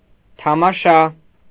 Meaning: 1. sight, spectacle 2. play
- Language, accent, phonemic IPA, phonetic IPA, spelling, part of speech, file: Armenian, Eastern Armenian, /tʰɑmɑˈʃɑ/, [tʰɑmɑʃɑ́], թամաշա, noun, Hy-թամաշա.ogg